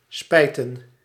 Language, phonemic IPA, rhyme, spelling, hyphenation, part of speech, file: Dutch, /ˈspɛi̯tən/, -ɛi̯tən, spijten, spij‧ten, verb, Nl-spijten.ogg
- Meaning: 1. to cause regret to, to cause to be sorry 2. to regret, to be sorry